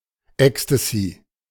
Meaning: ecstasy (drug MDMA)
- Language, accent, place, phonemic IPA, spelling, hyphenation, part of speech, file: German, Germany, Berlin, /ˈɛkstəzi/, Ecstasy, Ec‧s‧ta‧sy, noun, De-Ecstasy.ogg